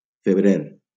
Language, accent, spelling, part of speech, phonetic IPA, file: Catalan, Valencia, febrer, noun, [feˈbɾeɾ], LL-Q7026 (cat)-febrer.wav
- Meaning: 1. February 2. blue gum (Eucalyptus globulus)